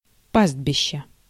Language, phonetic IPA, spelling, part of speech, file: Russian, [ˈpaz(d)bʲɪɕːə], пастбища, noun, Ru-пастбища.ogg
- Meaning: inflection of па́стбище (pástbišče): 1. genitive singular 2. nominative/accusative plural